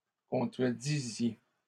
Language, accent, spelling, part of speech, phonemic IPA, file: French, Canada, contredisiez, verb, /kɔ̃.tʁə.di.zje/, LL-Q150 (fra)-contredisiez.wav
- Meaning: inflection of contredire: 1. second-person plural imperfect indicative 2. second-person plural present subjunctive